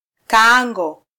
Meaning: cooking pot
- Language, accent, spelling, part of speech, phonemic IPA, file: Swahili, Kenya, kaango, noun, /kɑˈɑ.ᵑɡɔ/, Sw-ke-kaango.flac